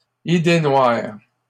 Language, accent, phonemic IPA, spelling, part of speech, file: French, Canada, /i.de nwaʁ/, idée noire, noun, LL-Q150 (fra)-idée noire.wav
- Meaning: blue devils